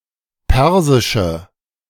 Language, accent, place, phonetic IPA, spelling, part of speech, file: German, Germany, Berlin, [ˈpɛʁzɪʃə], persische, adjective, De-persische.ogg
- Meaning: inflection of persisch: 1. strong/mixed nominative/accusative feminine singular 2. strong nominative/accusative plural 3. weak nominative all-gender singular